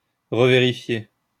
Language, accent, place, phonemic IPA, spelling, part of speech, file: French, France, Lyon, /ʁə.ve.ʁi.fje/, revérifier, verb, LL-Q150 (fra)-revérifier.wav
- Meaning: to reverify, double-check